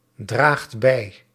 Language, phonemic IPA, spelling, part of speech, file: Dutch, /ˈdraxt ˈbɛi/, draagt bij, verb, Nl-draagt bij.ogg
- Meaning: inflection of bijdragen: 1. second/third-person singular present indicative 2. plural imperative